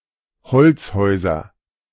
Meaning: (noun) 1. nominative plural of Holzhaus 2. accusative plural of Holzhaus 3. genitive plural of Holzhaus; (proper noun) a surname
- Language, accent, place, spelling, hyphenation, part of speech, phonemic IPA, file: German, Germany, Berlin, Holzhäuser, Holz‧häu‧ser, noun / proper noun, /ˈhɔl(t)sˌhɔʏ̯zɐ/, De-Holzhäuser.ogg